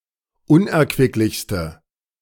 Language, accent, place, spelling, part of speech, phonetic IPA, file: German, Germany, Berlin, unerquicklichste, adjective, [ˈʊnʔɛɐ̯kvɪklɪçstə], De-unerquicklichste.ogg
- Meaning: inflection of unerquicklich: 1. strong/mixed nominative/accusative feminine singular superlative degree 2. strong nominative/accusative plural superlative degree